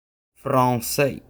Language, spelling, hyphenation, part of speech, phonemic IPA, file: French, français, fran‧çais, adjective / noun, /fɾɔ̃.se/, Frc-français.oga
- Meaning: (adjective) 1. French 2. Franco-American or Francophone; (noun) French (language)